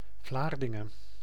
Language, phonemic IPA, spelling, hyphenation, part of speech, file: Dutch, /ˈvlaːr.dɪ.ŋə(n)/, Vlaardingen, Vlaar‧din‧gen, proper noun, Nl-Vlaardingen.ogg
- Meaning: Vlaardingen (a city and municipality of South Holland, Netherlands)